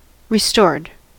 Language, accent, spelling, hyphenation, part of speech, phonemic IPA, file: English, US, restored, re‧stored, adjective / verb, /ɹɪˈstɔɹd/, En-us-restored.ogg
- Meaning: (adjective) Pertaining to something or someone renewed or rebuilt; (verb) simple past and past participle of restore